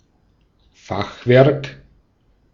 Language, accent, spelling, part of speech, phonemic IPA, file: German, Austria, Fachwerk, noun, /ˈfaxˌvɛʁk/, De-at-Fachwerk.ogg
- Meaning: 1. truss 2. half-timbering